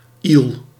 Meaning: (adjective) thin, slender; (interjection) ew
- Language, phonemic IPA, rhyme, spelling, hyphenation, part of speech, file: Dutch, /il/, -il, iel, iel, adjective / interjection, Nl-iel.ogg